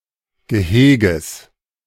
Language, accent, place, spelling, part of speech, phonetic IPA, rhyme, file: German, Germany, Berlin, Geheges, noun, [ɡəˈheːɡəs], -eːɡəs, De-Geheges.ogg
- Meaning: genitive singular of Gehege